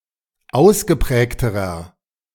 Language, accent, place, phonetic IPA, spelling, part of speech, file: German, Germany, Berlin, [ˈaʊ̯sɡəˌpʁɛːktəʁɐ], ausgeprägterer, adjective, De-ausgeprägterer.ogg
- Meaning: inflection of ausgeprägt: 1. strong/mixed nominative masculine singular comparative degree 2. strong genitive/dative feminine singular comparative degree 3. strong genitive plural comparative degree